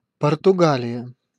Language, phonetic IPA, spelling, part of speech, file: Russian, [pərtʊˈɡalʲɪjə], Португалия, proper noun, Ru-Португалия.ogg
- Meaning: Portugal (a country in Europe)